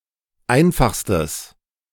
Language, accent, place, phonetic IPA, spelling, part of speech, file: German, Germany, Berlin, [ˈaɪ̯nfaxstəs], einfachstes, adjective, De-einfachstes.ogg
- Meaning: strong/mixed nominative/accusative neuter singular superlative degree of einfach